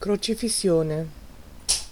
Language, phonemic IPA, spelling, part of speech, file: Italian, /krot͡ʃifisˈsjone/, crocifissione, noun, It-crocifissione.ogg